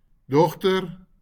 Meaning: 1. daughter 2. girl
- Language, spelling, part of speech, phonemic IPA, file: Afrikaans, dogter, noun, /ˈdɔχ.tər/, LL-Q14196 (afr)-dogter.wav